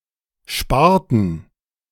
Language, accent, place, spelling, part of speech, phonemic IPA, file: German, Germany, Berlin, sparten, verb, /ˈʃpaːrtən/, De-sparten.ogg
- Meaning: inflection of sparen: 1. first/third-person plural preterite 2. first/third-person plural subjunctive II